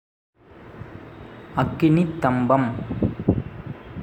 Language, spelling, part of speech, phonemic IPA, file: Tamil, அக்கினித்தம்பம், noun, /ɐkːɪnɪt̪ːɐmbɐm/, Ta-அக்கினித்தம்பம்.ogg
- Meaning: pillar of fire